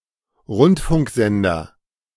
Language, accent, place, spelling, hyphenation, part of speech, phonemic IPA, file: German, Germany, Berlin, Rundfunksender, Rund‧funk‧sen‧der, noun, /ˈʁʊntfʊŋkˌzɛndɐ/, De-Rundfunksender.ogg
- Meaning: 1. broadcasting station, broadcaster 2. broadcast transmitter